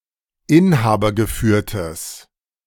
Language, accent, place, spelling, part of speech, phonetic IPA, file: German, Germany, Berlin, inhabergeführtes, adjective, [ˈɪnhaːbɐɡəˌfyːɐ̯təs], De-inhabergeführtes.ogg
- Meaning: strong/mixed nominative/accusative neuter singular of inhabergeführt